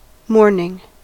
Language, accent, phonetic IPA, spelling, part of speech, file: English, US, [ˈmo̞ɹnɪŋ], mourning, noun / verb, En-us-mourning.ogg
- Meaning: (noun) 1. The act of expressing or feeling sorrow or regret; lamentation 2. Specifically, the act of expressing or feeling sorrow regarding a death or loss